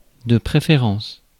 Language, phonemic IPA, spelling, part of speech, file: French, /pʁe.fe.ʁɑ̃s/, préférence, noun, Fr-préférence.ogg
- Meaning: 1. preference 2. like (something that a given person likes)